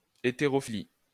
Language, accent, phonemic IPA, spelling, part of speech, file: French, France, /e.te.ʁɔ.fi.li/, hétérophilie, noun, LL-Q150 (fra)-hétérophilie.wav
- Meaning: 1. heterophily 2. heterophilia